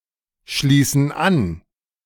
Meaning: inflection of anschließen: 1. first/third-person plural present 2. first/third-person plural subjunctive I
- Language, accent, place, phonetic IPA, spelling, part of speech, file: German, Germany, Berlin, [ˌʃliːsn̩ ˈan], schließen an, verb, De-schließen an.ogg